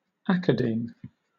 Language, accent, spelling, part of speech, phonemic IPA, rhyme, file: English, Southern England, academe, noun, /ˈæk.ə.diːm/, -iːm, LL-Q1860 (eng)-academe.wav
- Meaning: 1. The garden in Athens where the academics met 2. An academy; a place of learning 3. The scholarly life, environment, or community